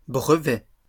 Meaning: plural of brevet
- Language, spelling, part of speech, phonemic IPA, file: French, brevets, noun, /bʁə.vɛ/, LL-Q150 (fra)-brevets.wav